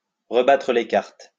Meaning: to shuffle the cards
- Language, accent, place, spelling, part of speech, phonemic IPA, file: French, France, Lyon, rebattre les cartes, verb, /ʁə.ba.tʁə le kaʁt/, LL-Q150 (fra)-rebattre les cartes.wav